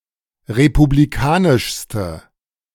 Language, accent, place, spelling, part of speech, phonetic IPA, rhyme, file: German, Germany, Berlin, republikanischste, adjective, [ʁepubliˈkaːnɪʃstə], -aːnɪʃstə, De-republikanischste.ogg
- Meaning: inflection of republikanisch: 1. strong/mixed nominative/accusative feminine singular superlative degree 2. strong nominative/accusative plural superlative degree